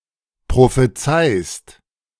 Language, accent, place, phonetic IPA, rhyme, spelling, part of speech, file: German, Germany, Berlin, [pʁofeˈt͡saɪ̯st], -aɪ̯st, prophezeist, verb, De-prophezeist.ogg
- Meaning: second-person singular present of prophezeien